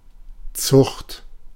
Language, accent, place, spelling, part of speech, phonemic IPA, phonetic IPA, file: German, Germany, Berlin, Zucht, noun, /tsʊxt/, [t͡sʊxt], De-Zucht.ogg
- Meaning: 1. breeding (act of growing plants or animals) 2. breed (lineage or subspecies of plants or animals) 3. animal farm; farm where animals are bred 4. discipline; education; manners